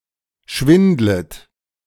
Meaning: second-person plural subjunctive I of schwindeln
- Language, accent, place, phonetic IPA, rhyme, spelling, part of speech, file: German, Germany, Berlin, [ˈʃvɪndlət], -ɪndlət, schwindlet, verb, De-schwindlet.ogg